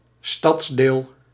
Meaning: 1. part of a city 2. a city district unique to the Netherlands, similar to the deelgemeente in Belgium and quartier in France
- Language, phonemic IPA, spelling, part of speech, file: Dutch, /ˈstɑtsdel/, stadsdeel, noun, Nl-stadsdeel.ogg